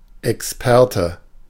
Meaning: expert
- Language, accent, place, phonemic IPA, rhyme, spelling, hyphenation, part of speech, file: German, Germany, Berlin, /ɛksˈpɛʁtə/, -ɛʁtə, Experte, Ex‧per‧te, noun, De-Experte.ogg